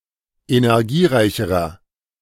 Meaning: inflection of energiereich: 1. strong/mixed nominative masculine singular comparative degree 2. strong genitive/dative feminine singular comparative degree 3. strong genitive plural comparative degree
- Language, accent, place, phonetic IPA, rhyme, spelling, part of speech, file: German, Germany, Berlin, [enɛʁˈɡiːˌʁaɪ̯çəʁɐ], -iːʁaɪ̯çəʁɐ, energiereicherer, adjective, De-energiereicherer.ogg